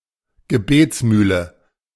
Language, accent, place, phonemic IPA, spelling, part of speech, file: German, Germany, Berlin, /ɡəˈbeːt͡sˌmyːlə/, Gebetsmühle, noun, De-Gebetsmühle.ogg
- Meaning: prayer wheel